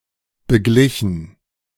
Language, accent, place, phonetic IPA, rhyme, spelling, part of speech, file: German, Germany, Berlin, [bəˈɡlɪçn̩], -ɪçn̩, beglichen, verb, De-beglichen.ogg
- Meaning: past participle of begleichen